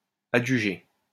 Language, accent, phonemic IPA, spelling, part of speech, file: French, France, /a.dʒy.ʒe/, adjugé, verb, LL-Q150 (fra)-adjugé.wav
- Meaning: past participle of adjuger